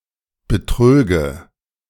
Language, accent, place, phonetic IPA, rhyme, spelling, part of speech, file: German, Germany, Berlin, [bəˈtʁøːɡə], -øːɡə, betröge, verb, De-betröge.ogg
- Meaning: first/third-person singular subjunctive II of betrügen